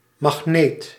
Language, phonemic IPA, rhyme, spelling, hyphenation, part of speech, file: Dutch, /mɑxˈneːt/, -eːt, magneet, mag‧neet, noun, Nl-magneet.ogg
- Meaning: magnet